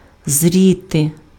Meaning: 1. to ripen 2. to grow 3. to form 4. to see 5. to look
- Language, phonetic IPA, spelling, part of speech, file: Ukrainian, [ˈzʲrʲite], зріти, verb, Uk-зріти.ogg